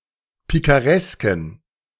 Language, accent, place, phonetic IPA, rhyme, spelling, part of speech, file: German, Germany, Berlin, [ˌpikaˈʁɛskn̩], -ɛskn̩, pikaresken, adjective, De-pikaresken.ogg
- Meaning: inflection of pikaresk: 1. strong genitive masculine/neuter singular 2. weak/mixed genitive/dative all-gender singular 3. strong/weak/mixed accusative masculine singular 4. strong dative plural